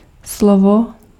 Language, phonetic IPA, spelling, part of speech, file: Czech, [ˈslovo], slovo, noun, Cs-slovo.ogg
- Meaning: 1. word (distinct unit of language) 2. word (promise)